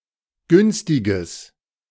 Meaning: strong/mixed nominative/accusative neuter singular of günstig
- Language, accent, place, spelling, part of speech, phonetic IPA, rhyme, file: German, Germany, Berlin, günstiges, adjective, [ˈɡʏnstɪɡəs], -ʏnstɪɡəs, De-günstiges.ogg